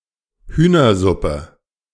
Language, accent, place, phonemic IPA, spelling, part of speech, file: German, Germany, Berlin, /ˈhyːnɐˌzʊpə/, Hühnersuppe, noun, De-Hühnersuppe.ogg
- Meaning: chicken soup